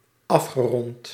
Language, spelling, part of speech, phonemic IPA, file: Dutch, afgerond, verb / adjective, /ˈɑfxəˌrɔnt/, Nl-afgerond.ogg
- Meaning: past participle of afronden